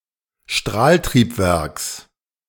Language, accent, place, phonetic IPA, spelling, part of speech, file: German, Germany, Berlin, [ˈʃtʁaːltʁiːpˌvɛʁks], Strahltriebwerks, noun, De-Strahltriebwerks.ogg
- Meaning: genitive singular of Strahltriebwerk